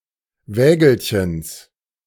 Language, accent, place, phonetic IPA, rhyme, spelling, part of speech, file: German, Germany, Berlin, [ˈvɛːɡl̩çəns], -ɛːɡl̩çəns, Wägelchens, noun, De-Wägelchens.ogg
- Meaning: genitive singular of Wägelchen